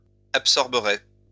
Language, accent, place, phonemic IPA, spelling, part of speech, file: French, France, Lyon, /ap.sɔʁ.bə.ʁe/, absorberai, verb, LL-Q150 (fra)-absorberai.wav
- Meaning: first-person singular future of absorber